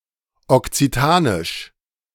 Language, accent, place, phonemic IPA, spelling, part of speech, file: German, Germany, Berlin, /ɔktsiˈtaːnɪʃ/, Okzitanisch, proper noun, De-Okzitanisch.ogg
- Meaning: Occitan (Romance language)